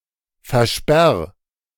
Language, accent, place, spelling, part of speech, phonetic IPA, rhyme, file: German, Germany, Berlin, versperr, verb, [fɛɐ̯ˈʃpɛʁ], -ɛʁ, De-versperr.ogg
- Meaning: 1. singular imperative of versperren 2. first-person singular present of versperren